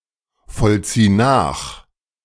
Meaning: singular imperative of nachvollziehen
- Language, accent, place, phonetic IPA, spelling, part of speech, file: German, Germany, Berlin, [fɔlˌt͡siː ˈnaːx], vollzieh nach, verb, De-vollzieh nach.ogg